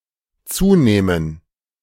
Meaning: first/third-person plural dependent subjunctive II of zunehmen
- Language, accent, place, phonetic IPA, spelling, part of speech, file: German, Germany, Berlin, [ˈt͡suːˌnɛːmən], zunähmen, verb, De-zunähmen.ogg